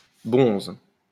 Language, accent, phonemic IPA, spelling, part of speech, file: French, France, /bɔ̃z/, bonze, noun, LL-Q150 (fra)-bonze.wav
- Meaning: 1. bonze, Buddhist priest 2. leader, bigwig